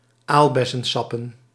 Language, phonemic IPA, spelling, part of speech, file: Dutch, /ˈalbɛsə(n)ˌsɑpə(n)/, aalbessensappen, noun, Nl-aalbessensappen.ogg
- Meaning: plural of aalbessensap